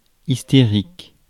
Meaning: hysterical
- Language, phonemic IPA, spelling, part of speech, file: French, /is.te.ʁik/, hystérique, adjective, Fr-hystérique.ogg